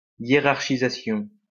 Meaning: 1. hierarchization 2. prioritization
- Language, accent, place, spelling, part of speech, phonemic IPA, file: French, France, Lyon, hiérarchisation, noun, /je.ʁaʁ.ʃi.za.sjɔ̃/, LL-Q150 (fra)-hiérarchisation.wav